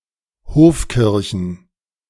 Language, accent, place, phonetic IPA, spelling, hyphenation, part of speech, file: German, Germany, Berlin, [ˈhoːfˌkɪʁçn̩], Hofkirchen, Hof‧kir‧chen, noun, De-Hofkirchen.ogg
- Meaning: plural of Hofkirche